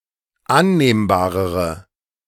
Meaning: inflection of annehmbar: 1. strong/mixed nominative/accusative feminine singular comparative degree 2. strong nominative/accusative plural comparative degree
- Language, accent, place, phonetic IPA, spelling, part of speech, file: German, Germany, Berlin, [ˈanneːmbaːʁəʁə], annehmbarere, adjective, De-annehmbarere.ogg